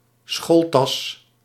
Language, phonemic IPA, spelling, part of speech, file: Dutch, /ˈsxoːl.tɑs/, schooltas, noun, Nl-schooltas.ogg
- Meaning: school bag